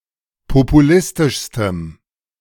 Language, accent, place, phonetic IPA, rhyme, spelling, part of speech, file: German, Germany, Berlin, [popuˈlɪstɪʃstəm], -ɪstɪʃstəm, populistischstem, adjective, De-populistischstem.ogg
- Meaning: strong dative masculine/neuter singular superlative degree of populistisch